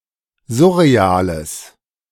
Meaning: strong/mixed nominative/accusative neuter singular of surreal
- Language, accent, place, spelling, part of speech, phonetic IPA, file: German, Germany, Berlin, surreales, adjective, [ˈzʊʁeˌaːləs], De-surreales.ogg